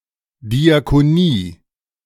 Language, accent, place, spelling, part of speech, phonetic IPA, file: German, Germany, Berlin, Diakonie, noun, [diakoˈniː], De-Diakonie.ogg
- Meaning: (professional) social work (social welfare work) provided by churches